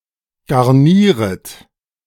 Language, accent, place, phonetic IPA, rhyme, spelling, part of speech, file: German, Germany, Berlin, [ɡaʁˈniːʁət], -iːʁət, garnieret, verb, De-garnieret.ogg
- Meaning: second-person plural subjunctive I of garnieren